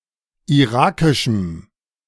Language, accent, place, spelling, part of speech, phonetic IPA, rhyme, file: German, Germany, Berlin, irakischem, adjective, [iˈʁaːkɪʃm̩], -aːkɪʃm̩, De-irakischem.ogg
- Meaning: strong dative masculine/neuter singular of irakisch